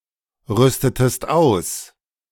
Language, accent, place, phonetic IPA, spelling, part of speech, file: German, Germany, Berlin, [ˌʁʏstətəst ˈaʊ̯s], rüstetest aus, verb, De-rüstetest aus.ogg
- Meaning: inflection of ausrüsten: 1. second-person singular preterite 2. second-person singular subjunctive II